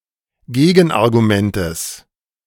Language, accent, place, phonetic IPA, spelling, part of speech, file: German, Germany, Berlin, [ˈɡeːɡn̩ʔaʁɡuˌmɛntəs], Gegenargumentes, noun, De-Gegenargumentes.ogg
- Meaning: genitive singular of Gegenargument (also Gegenarguments)